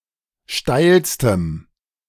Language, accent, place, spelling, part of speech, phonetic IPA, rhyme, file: German, Germany, Berlin, steilstem, adjective, [ˈʃtaɪ̯lstəm], -aɪ̯lstəm, De-steilstem.ogg
- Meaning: strong dative masculine/neuter singular superlative degree of steil